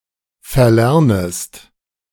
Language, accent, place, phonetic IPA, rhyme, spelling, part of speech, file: German, Germany, Berlin, [fɛɐ̯ˈlɛʁnəst], -ɛʁnəst, verlernest, verb, De-verlernest.ogg
- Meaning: second-person singular subjunctive I of verlernen